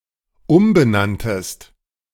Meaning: second-person singular dependent preterite of umbenennen
- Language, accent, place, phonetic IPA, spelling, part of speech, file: German, Germany, Berlin, [ˈʊmbəˌnantəst], umbenanntest, verb, De-umbenanntest.ogg